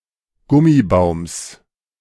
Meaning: genitive singular of Gummibaum
- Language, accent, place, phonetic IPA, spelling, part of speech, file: German, Germany, Berlin, [ˈɡʊmiˌbaʊ̯ms], Gummibaums, noun, De-Gummibaums.ogg